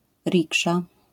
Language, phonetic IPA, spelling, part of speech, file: Polish, [ˈrʲikʃa], riksza, noun, LL-Q809 (pol)-riksza.wav